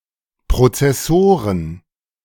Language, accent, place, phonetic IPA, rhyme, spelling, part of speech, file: German, Germany, Berlin, [pʁot͡sɛˈsoːʁən], -oːʁən, Prozessoren, noun, De-Prozessoren.ogg
- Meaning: plural of Prozessor